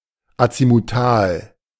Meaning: azimuthal
- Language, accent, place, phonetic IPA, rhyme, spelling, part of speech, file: German, Germany, Berlin, [at͡simuˈtaːl], -aːl, azimutal, adjective, De-azimutal.ogg